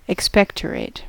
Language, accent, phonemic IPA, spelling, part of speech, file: English, US, /ɪkˈspɛktəɹeɪt/, expectorate, verb, En-us-expectorate.ogg
- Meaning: 1. To cough up fluid from the lungs 2. To spit